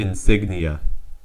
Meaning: A patch or other object that indicates a person's official or military rank, or membership in a group or organization
- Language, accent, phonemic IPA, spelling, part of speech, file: English, US, /ɪnˈsɪɡ.ni.ə/, insignia, noun, En-us-insignia.ogg